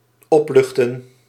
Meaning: to relieve, to reassure from worries
- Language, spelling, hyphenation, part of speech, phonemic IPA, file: Dutch, opluchten, op‧luch‧ten, verb, /ˈɔpˌlʏx.tə(n)/, Nl-opluchten.ogg